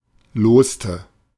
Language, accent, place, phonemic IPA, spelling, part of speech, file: German, Germany, Berlin, /ˈloːstə/, loste, verb, De-loste.ogg
- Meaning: inflection of losen: 1. first/third-person singular preterite 2. first/third-person singular subjunctive II